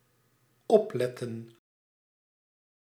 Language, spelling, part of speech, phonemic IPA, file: Dutch, opletten, verb, /ˈɔplɛtə(n)/, Nl-opletten.ogg
- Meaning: to pay attention